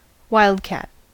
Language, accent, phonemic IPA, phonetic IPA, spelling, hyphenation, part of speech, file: English, General American, /ˈwaɪ.əldˌkæt/, [ˈwaɪ.əlʔˌkæt], wildcat, wild‧cat, noun / adjective / verb, En-us-wildcat.ogg
- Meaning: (noun) A cat that lives in the wilderness, specifically: Felis silvestris, a common small Old World wild cat somewhat larger than a house cat